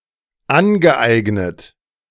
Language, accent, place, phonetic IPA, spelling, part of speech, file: German, Germany, Berlin, [ˈanɡəˌʔaɪ̯ɡnət], angeeignet, verb, De-angeeignet.ogg
- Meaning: past participle of aneignen